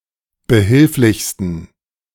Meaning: 1. superlative degree of behilflich 2. inflection of behilflich: strong genitive masculine/neuter singular superlative degree
- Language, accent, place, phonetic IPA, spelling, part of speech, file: German, Germany, Berlin, [bəˈhɪlflɪçstn̩], behilflichsten, adjective, De-behilflichsten.ogg